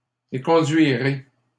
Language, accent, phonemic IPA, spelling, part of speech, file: French, Canada, /e.kɔ̃.dɥi.ʁe/, éconduirai, verb, LL-Q150 (fra)-éconduirai.wav
- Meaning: first-person singular simple future of éconduire